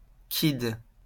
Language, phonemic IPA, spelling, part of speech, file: French, /kid/, kid, noun, LL-Q150 (fra)-kid.wav
- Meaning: kid (“child”)